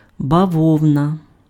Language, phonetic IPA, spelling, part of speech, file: Ukrainian, [bɐˈwɔu̯nɐ], бавовна, noun, Uk-бавовна.ogg
- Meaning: 1. cotton (fiber harvested from a plant of the genus Gossypium; textile made from this) 2. explosions (of Russian war infrastructure)